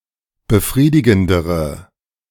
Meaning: inflection of befriedigend: 1. strong/mixed nominative/accusative feminine singular comparative degree 2. strong nominative/accusative plural comparative degree
- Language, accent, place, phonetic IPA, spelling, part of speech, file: German, Germany, Berlin, [bəˈfʁiːdɪɡn̩dəʁə], befriedigendere, adjective, De-befriedigendere.ogg